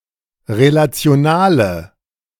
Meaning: inflection of relational: 1. strong/mixed nominative/accusative feminine singular 2. strong nominative/accusative plural 3. weak nominative all-gender singular
- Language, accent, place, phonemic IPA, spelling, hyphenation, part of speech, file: German, Germany, Berlin, /ʁelat͡sɪ̯oˈnaːlə/, relationale, re‧la‧ti‧o‧na‧le, adjective, De-relationale.ogg